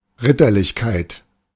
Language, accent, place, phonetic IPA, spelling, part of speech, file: German, Germany, Berlin, [ˈʁɪtɐlɪçkaɪ̯t], Ritterlichkeit, noun, De-Ritterlichkeit.ogg
- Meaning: chivalry